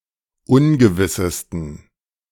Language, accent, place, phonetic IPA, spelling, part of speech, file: German, Germany, Berlin, [ˈʊnɡəvɪsəstn̩], ungewissesten, adjective, De-ungewissesten.ogg
- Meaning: 1. superlative degree of ungewiss 2. inflection of ungewiss: strong genitive masculine/neuter singular superlative degree